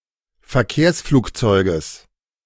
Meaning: genitive singular of Verkehrsflugzeug
- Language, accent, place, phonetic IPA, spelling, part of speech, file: German, Germany, Berlin, [fɛɐ̯ˈkeːɐ̯sfluːkˌt͡sɔɪ̯ɡəs], Verkehrsflugzeuges, noun, De-Verkehrsflugzeuges.ogg